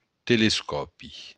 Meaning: telescope
- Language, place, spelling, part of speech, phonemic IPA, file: Occitan, Béarn, telescòpi, noun, /telesˈkɔpi/, LL-Q14185 (oci)-telescòpi.wav